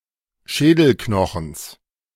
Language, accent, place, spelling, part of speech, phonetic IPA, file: German, Germany, Berlin, Schädelknochens, noun, [ˈʃɛːdl̩ˌknɔxn̩s], De-Schädelknochens.ogg
- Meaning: genitive singular of Schädelknochen